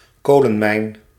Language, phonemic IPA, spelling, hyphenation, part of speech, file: Dutch, /ˈkoː.lə(n)ˌmɛi̯n/, kolenmijn, ko‧len‧mijn, noun, Nl-kolenmijn.ogg
- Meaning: colliery, coal mine